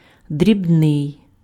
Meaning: 1. small, fractional 2. tiny
- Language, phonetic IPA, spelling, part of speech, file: Ukrainian, [dʲrʲibˈnɪi̯], дрібний, adjective, Uk-дрібний.ogg